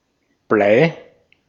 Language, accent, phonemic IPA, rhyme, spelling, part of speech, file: German, Austria, /blaɪ̯/, -aɪ̯, Blei, noun, De-at-Blei.ogg
- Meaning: lead (chemical element - Pb, atomic number 82)